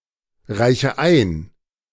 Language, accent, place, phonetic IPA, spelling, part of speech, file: German, Germany, Berlin, [ˌʁaɪ̯çə ˈaɪ̯n], reiche ein, verb, De-reiche ein.ogg
- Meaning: inflection of einreichen: 1. first-person singular present 2. first/third-person singular subjunctive I 3. singular imperative